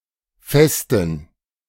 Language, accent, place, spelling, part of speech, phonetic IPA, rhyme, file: German, Germany, Berlin, Festen, noun, [ˈfɛstn̩], -ɛstn̩, De-Festen.ogg
- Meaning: 1. plural of Feste 2. dative plural of Fest